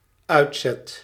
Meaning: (noun) Household goods given to a newlywed couple; a trousseau or dowry; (verb) first/second/third-person singular dependent-clause present indicative of uitzetten
- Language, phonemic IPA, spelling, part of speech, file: Dutch, /ˈœy̯tˌsɛt/, uitzet, noun / verb, Nl-uitzet.ogg